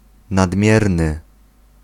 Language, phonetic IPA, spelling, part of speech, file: Polish, [nadˈmʲjɛrnɨ], nadmierny, adjective, Pl-nadmierny.ogg